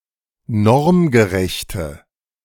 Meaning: inflection of normgerecht: 1. strong/mixed nominative/accusative feminine singular 2. strong nominative/accusative plural 3. weak nominative all-gender singular
- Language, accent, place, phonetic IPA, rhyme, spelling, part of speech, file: German, Germany, Berlin, [ˈnɔʁmɡəˌʁɛçtə], -ɔʁmɡəʁɛçtə, normgerechte, adjective, De-normgerechte.ogg